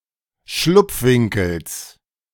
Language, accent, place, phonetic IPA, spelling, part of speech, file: German, Germany, Berlin, [ˈʃlʊp͡fˌvɪŋkl̩s], Schlupfwinkels, noun, De-Schlupfwinkels.ogg
- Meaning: genitive of Schlupfwinkel